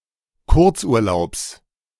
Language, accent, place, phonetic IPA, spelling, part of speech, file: German, Germany, Berlin, [ˈkʊʁt͡sʔuːɐ̯ˌlaʊ̯ps], Kurzurlaubs, noun, De-Kurzurlaubs.ogg
- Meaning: genitive singular of Kurzurlaub